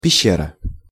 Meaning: cave
- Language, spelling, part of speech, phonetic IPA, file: Russian, пещера, noun, [pʲɪˈɕːerə], Ru-пещера.ogg